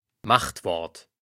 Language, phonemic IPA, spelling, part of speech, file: German, /ˈmaxtˌvɔʁt/, Machtwort, noun, De-Machtwort.ogg
- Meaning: 1. a "word of power" (word that condenses in itself many concepts) 2. authority, power; last word